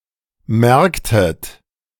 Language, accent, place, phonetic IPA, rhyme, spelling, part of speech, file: German, Germany, Berlin, [ˈmɛʁktət], -ɛʁktət, merktet, verb, De-merktet.ogg
- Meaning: inflection of merken: 1. second-person plural preterite 2. second-person plural subjunctive II